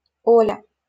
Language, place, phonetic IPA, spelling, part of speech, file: Russian, Saint Petersburg, [ˈolʲə], Оля, proper noun, LL-Q7737 (rus)-Оля.wav
- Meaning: a diminutive, Olya, of the female given name О́льга (Ólʹga)